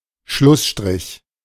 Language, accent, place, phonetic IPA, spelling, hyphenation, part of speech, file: German, Germany, Berlin, [ˈʃlʊsʃtʁɪç], Schlussstrich, Schluss‧strich, noun, De-Schlussstrich.ogg
- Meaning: 1. horizontal rule 2. double bar line 3. closure